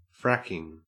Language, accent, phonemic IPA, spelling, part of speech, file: English, Australia, /ˈfɹækɪŋ/, fracking, noun / adjective, En-au-fracking.ogg
- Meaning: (noun) Hydraulic fracturing; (adjective) Fucking